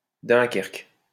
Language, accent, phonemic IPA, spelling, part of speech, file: French, France, /dœ̃.kɛʁk/, dunkerque, noun, LL-Q150 (fra)-dunkerque.wav
- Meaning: cabinet